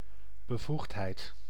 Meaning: 1. authority, authorization 2. competence
- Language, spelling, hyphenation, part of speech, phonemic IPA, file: Dutch, bevoegdheid, be‧voegd‧heid, noun, /bəˈvuxtˌɦɛi̯t/, Nl-bevoegdheid.ogg